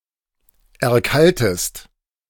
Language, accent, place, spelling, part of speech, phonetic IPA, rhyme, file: German, Germany, Berlin, erkaltest, verb, [ɛɐ̯ˈkaltəst], -altəst, De-erkaltest.ogg
- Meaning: inflection of erkalten: 1. second-person singular present 2. second-person singular subjunctive I